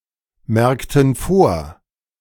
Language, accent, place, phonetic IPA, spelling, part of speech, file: German, Germany, Berlin, [ˌmɛʁktn̩ ˈfoːɐ̯], merkten vor, verb, De-merkten vor.ogg
- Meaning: inflection of vormerken: 1. first/third-person plural preterite 2. first/third-person plural subjunctive II